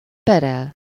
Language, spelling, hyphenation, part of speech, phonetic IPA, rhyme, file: Hungarian, perel, pe‧rel, verb, [ˈpɛrɛl], -ɛl, Hu-perel.ogg
- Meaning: 1. to sue, to litigate 2. to quarrel